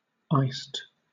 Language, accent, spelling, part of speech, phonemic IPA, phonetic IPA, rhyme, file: English, Southern England, iced, adjective / verb, /ˈaɪst/, [ˈaɪ̯st], -aɪst, LL-Q1860 (eng)-iced.wav
- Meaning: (adjective) 1. With ice added 2. Very cold, but not necessarily containing ice 3. Covered with icing 4. Having a glittering papillose surface